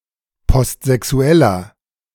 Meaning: inflection of postsexuell: 1. strong/mixed nominative masculine singular 2. strong genitive/dative feminine singular 3. strong genitive plural
- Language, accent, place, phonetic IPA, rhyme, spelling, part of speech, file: German, Germany, Berlin, [pɔstzɛˈksu̯ɛlɐ], -ɛlɐ, postsexueller, adjective, De-postsexueller.ogg